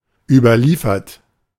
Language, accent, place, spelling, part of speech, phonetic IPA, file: German, Germany, Berlin, überliefert, verb, [ˌyːbɐˈliːfɐt], De-überliefert.ogg
- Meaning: past participle of überliefern